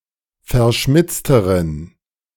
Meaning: inflection of verschmitzt: 1. strong genitive masculine/neuter singular comparative degree 2. weak/mixed genitive/dative all-gender singular comparative degree
- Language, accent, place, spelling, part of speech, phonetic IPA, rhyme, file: German, Germany, Berlin, verschmitzteren, adjective, [fɛɐ̯ˈʃmɪt͡stəʁən], -ɪt͡stəʁən, De-verschmitzteren.ogg